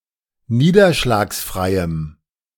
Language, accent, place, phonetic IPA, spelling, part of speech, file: German, Germany, Berlin, [ˈniːdɐʃlaːksˌfʁaɪ̯əm], niederschlagsfreiem, adjective, De-niederschlagsfreiem.ogg
- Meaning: strong dative masculine/neuter singular of niederschlagsfrei